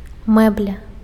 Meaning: furniture
- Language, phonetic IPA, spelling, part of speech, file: Belarusian, [ˈmɛblʲa], мэбля, noun, Be-мэбля.ogg